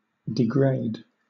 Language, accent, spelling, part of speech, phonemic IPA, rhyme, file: English, Southern England, degrade, verb, /dɪˈɡɹeɪd/, -eɪd, LL-Q1860 (eng)-degrade.wav
- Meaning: 1. To lower in value or social position 2. To reduce in quality or purity 3. To reduce in altitude or magnitude, as hills and mountains; to wear down